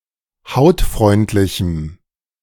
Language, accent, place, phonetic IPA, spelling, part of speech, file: German, Germany, Berlin, [ˈhaʊ̯tˌfʁɔɪ̯ntlɪçm̩], hautfreundlichem, adjective, De-hautfreundlichem.ogg
- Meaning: strong dative masculine/neuter singular of hautfreundlich